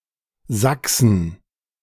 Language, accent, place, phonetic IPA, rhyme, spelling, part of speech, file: German, Germany, Berlin, [ˈzaksn̩], -aksn̩, Saxen, noun, De-Saxen.ogg
- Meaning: a municipality of Upper Austria, Austria